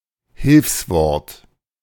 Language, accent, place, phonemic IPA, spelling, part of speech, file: German, Germany, Berlin, /ˈhɪlfsˌvɔɐ̯t/, Hilfswort, noun, De-Hilfswort.ogg
- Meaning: 1. auxiliary verb 2. function word